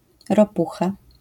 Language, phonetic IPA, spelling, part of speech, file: Polish, [rɔˈpuxa], ropucha, noun, LL-Q809 (pol)-ropucha.wav